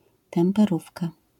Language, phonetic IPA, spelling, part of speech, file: Polish, [ˌtɛ̃mpɛˈrufka], temperówka, noun, LL-Q809 (pol)-temperówka.wav